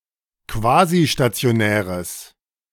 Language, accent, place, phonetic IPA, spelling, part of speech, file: German, Germany, Berlin, [ˈkvaːziʃtat͡si̯oˌnɛːʁəs], quasistationäres, adjective, De-quasistationäres.ogg
- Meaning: strong/mixed nominative/accusative neuter singular of quasistationär